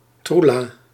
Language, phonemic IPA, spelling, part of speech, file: Dutch, /ˈtru.laː/, troela, noun, Nl-troela.ogg
- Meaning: a woman or girl